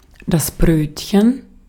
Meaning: 1. a bun, bread roll 2. a small open sandwich
- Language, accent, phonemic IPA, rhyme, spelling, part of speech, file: German, Austria, /ˈbʁøːtçən/, -øːtçən, Brötchen, noun, De-at-Brötchen.ogg